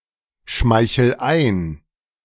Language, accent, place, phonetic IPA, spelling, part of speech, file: German, Germany, Berlin, [ˌʃmaɪ̯çl̩ ˈaɪ̯n], schmeichel ein, verb, De-schmeichel ein.ogg
- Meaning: inflection of einschmeicheln: 1. first-person singular present 2. singular imperative